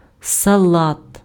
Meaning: 1. salad (dish) 2. lettuce (vegetable Lactuca sativa) 3. lettuce (any plant of the genus Lactuca)
- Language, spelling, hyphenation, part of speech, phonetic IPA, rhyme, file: Ukrainian, салат, са‧лат, noun, [sɐˈɫat], -at, Uk-салат.ogg